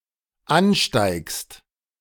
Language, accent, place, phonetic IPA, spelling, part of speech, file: German, Germany, Berlin, [ˈanˌʃtaɪ̯kst], ansteigst, verb, De-ansteigst.ogg
- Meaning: second-person singular dependent present of ansteigen